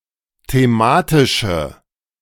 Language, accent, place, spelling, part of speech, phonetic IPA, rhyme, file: German, Germany, Berlin, thematische, adjective, [teˈmaːtɪʃə], -aːtɪʃə, De-thematische.ogg
- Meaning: inflection of thematisch: 1. strong/mixed nominative/accusative feminine singular 2. strong nominative/accusative plural 3. weak nominative all-gender singular